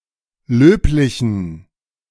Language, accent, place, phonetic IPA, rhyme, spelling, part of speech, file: German, Germany, Berlin, [ˈløːplɪçn̩], -øːplɪçn̩, löblichen, adjective, De-löblichen.ogg
- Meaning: inflection of löblich: 1. strong genitive masculine/neuter singular 2. weak/mixed genitive/dative all-gender singular 3. strong/weak/mixed accusative masculine singular 4. strong dative plural